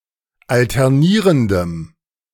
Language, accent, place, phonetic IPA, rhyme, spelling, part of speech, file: German, Germany, Berlin, [ˌaltɛʁˈniːʁəndəm], -iːʁəndəm, alternierendem, adjective, De-alternierendem.ogg
- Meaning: strong dative masculine/neuter singular of alternierend